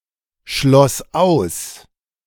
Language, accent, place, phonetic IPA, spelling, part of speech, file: German, Germany, Berlin, [ˌʃlɔs ˈaʊ̯s], schloss aus, verb, De-schloss aus.ogg
- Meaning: first/third-person singular preterite of ausschließen